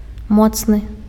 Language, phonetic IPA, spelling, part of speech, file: Belarusian, [ˈmot͡snɨ], моцны, adjective, Be-моцны.ogg
- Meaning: 1. powerful, strong (possessing power, might, or strength) 2. strong (having a high concentration of an essential or active ingredient) 3. strong (having a high alcoholic content)